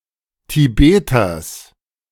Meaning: genitive singular of Tibeter
- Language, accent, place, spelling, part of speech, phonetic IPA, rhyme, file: German, Germany, Berlin, Tibeters, noun, [tiˈbeːtɐs], -eːtɐs, De-Tibeters.ogg